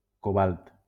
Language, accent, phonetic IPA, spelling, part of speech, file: Catalan, Valencia, [koˈbalt], cobalt, noun, LL-Q7026 (cat)-cobalt.wav
- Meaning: cobalt